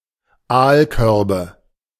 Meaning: nominative/accusative/genitive plural of Aalkorb
- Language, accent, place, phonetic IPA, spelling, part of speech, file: German, Germany, Berlin, [ˈaːlˌkœʁbə], Aalkörbe, noun, De-Aalkörbe.ogg